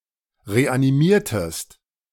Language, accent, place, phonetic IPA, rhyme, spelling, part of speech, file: German, Germany, Berlin, [ʁeʔaniˈmiːɐ̯təst], -iːɐ̯təst, reanimiertest, verb, De-reanimiertest.ogg
- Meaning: inflection of reanimieren: 1. second-person singular preterite 2. second-person singular subjunctive II